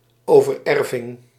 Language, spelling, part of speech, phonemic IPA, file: Dutch, overerving, noun, /ˌovərˈɛrvɪŋ/, Nl-overerving.ogg
- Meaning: inheritance